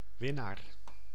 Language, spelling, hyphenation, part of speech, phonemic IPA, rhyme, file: Dutch, winnaar, win‧naar, noun, /ˈʋɪ.naːr/, -ɪnaːr, Nl-winnaar.ogg
- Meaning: winner, one who has won or often wins